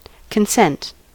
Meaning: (verb) 1. To express willingness, to give permission 2. To cause to sign a consent form 3. To grant; to allow; to assent to
- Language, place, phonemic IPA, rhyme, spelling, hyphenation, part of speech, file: English, California, /kənˈsɛnt/, -ɛnt, consent, con‧sent, verb / noun, En-us-consent.ogg